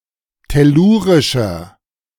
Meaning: inflection of tellurisch: 1. strong/mixed nominative masculine singular 2. strong genitive/dative feminine singular 3. strong genitive plural
- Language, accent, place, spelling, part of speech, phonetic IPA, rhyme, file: German, Germany, Berlin, tellurischer, adjective, [tɛˈluːʁɪʃɐ], -uːʁɪʃɐ, De-tellurischer.ogg